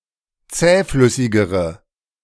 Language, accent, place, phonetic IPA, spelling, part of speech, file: German, Germany, Berlin, [ˈt͡sɛːˌflʏsɪɡəʁə], zähflüssigere, adjective, De-zähflüssigere.ogg
- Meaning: inflection of zähflüssig: 1. strong/mixed nominative/accusative feminine singular comparative degree 2. strong nominative/accusative plural comparative degree